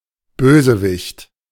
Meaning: villain
- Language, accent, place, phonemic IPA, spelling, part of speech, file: German, Germany, Berlin, /ˈbøːzəˌvɪçt/, Bösewicht, noun, De-Bösewicht.ogg